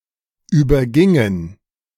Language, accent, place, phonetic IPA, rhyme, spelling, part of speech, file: German, Germany, Berlin, [ˌyːbɐˈɡɪŋən], -ɪŋən, übergingen, verb, De-übergingen.ogg
- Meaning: first/third-person plural preterite of übergehen